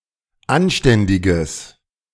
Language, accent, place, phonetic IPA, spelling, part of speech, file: German, Germany, Berlin, [ˈanˌʃtɛndɪɡəs], anständiges, adjective, De-anständiges.ogg
- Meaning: strong/mixed nominative/accusative neuter singular of anständig